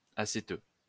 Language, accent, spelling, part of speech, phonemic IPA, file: French, France, acéteux, adjective, /a.se.tø/, LL-Q150 (fra)-acéteux.wav
- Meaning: vinegary